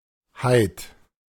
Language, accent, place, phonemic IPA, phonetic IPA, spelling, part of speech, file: German, Germany, Berlin, /-haɪ̯t/, [haɪ̯t], -heit, suffix, De--heit.ogg
- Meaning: Converts an adjective into a noun and usually denotes an abstract quality of the adjectival root. It is often equivalent to the English suffixes -ness, -th, -ity, -dom